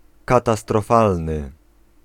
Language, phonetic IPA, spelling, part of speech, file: Polish, [ˌkatastrɔˈfalnɨ], katastrofalny, adjective, Pl-katastrofalny.ogg